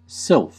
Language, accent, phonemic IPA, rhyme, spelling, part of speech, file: English, US, /sɪlf/, -ɪlf, sylph, noun, En-us-sylph.ogg
- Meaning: 1. An invisible being of the air 2. The elemental being of air, usually female 3. A slender woman or girl, usually graceful and sometimes with the implication of sublime station over everyday people